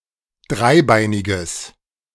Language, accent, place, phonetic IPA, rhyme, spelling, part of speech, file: German, Germany, Berlin, [ˈdʁaɪ̯ˌbaɪ̯nɪɡəs], -aɪ̯baɪ̯nɪɡəs, dreibeiniges, adjective, De-dreibeiniges.ogg
- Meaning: strong/mixed nominative/accusative neuter singular of dreibeinig